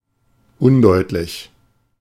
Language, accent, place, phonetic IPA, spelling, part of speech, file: German, Germany, Berlin, [ˈʊnˌdɔɪ̯tlɪç], undeutlich, adjective, De-undeutlich.ogg
- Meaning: indistinct; vague, hazy